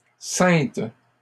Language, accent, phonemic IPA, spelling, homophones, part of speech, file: French, Canada, /sɛ̃t/, ceintes, ceinte / Cynthe / sainte / saintes / Saintes, verb, LL-Q150 (fra)-ceintes.wav
- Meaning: feminine plural of ceint